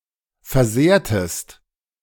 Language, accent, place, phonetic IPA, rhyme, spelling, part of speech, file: German, Germany, Berlin, [fɛɐ̯ˈzeːɐ̯təst], -eːɐ̯təst, versehrtest, verb, De-versehrtest.ogg
- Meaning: inflection of versehren: 1. second-person singular preterite 2. second-person singular subjunctive II